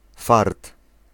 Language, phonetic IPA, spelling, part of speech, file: Polish, [fart], fart, noun, Pl-fart.ogg